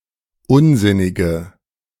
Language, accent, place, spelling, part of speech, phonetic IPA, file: German, Germany, Berlin, unsinnige, adjective, [ˈʊnˌzɪnɪɡə], De-unsinnige.ogg
- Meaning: inflection of unsinnig: 1. strong/mixed nominative/accusative feminine singular 2. strong nominative/accusative plural 3. weak nominative all-gender singular